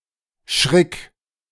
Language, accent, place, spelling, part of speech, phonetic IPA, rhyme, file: German, Germany, Berlin, schrick, verb, [ʃʁɪk], -ɪk, De-schrick.ogg
- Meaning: singular imperative of schrecken